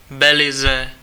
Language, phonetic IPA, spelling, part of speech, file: Czech, [ˈbɛlɪzɛ], Belize, proper noun, Cs-Belize.ogg
- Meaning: Belize (an English-speaking country in Central America, formerly called British Honduras)